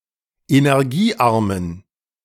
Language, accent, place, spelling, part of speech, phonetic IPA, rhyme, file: German, Germany, Berlin, energiearmen, adjective, [enɛʁˈɡiːˌʔaʁmən], -iːʔaʁmən, De-energiearmen.ogg
- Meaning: inflection of energiearm: 1. strong genitive masculine/neuter singular 2. weak/mixed genitive/dative all-gender singular 3. strong/weak/mixed accusative masculine singular 4. strong dative plural